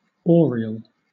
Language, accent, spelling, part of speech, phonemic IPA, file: English, Southern England, oriel, noun, /ˈɔːɹiəl/, LL-Q1860 (eng)-oriel.wav
- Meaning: 1. A large polygonal recess in a building, such as a bay window, forming a protrusion on the outer wall 2. A small apartment next to a hall, used for dining